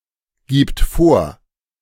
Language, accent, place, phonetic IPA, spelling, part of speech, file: German, Germany, Berlin, [ˌɡiːpt ˈfoːɐ̯], gibt vor, verb, De-gibt vor.ogg
- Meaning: third-person singular present of vorgeben